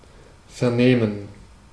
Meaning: 1. to hear 2. to question, to examine 3. to comprehend, to understand
- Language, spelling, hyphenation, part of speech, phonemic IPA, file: German, vernehmen, ver‧neh‧men, verb, /fɛʁˈneːmən/, De-vernehmen.ogg